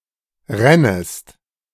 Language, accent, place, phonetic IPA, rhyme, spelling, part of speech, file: German, Germany, Berlin, [ˈʁɛnəst], -ɛnəst, rännest, verb, De-rännest.ogg
- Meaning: second-person singular subjunctive I of rinnen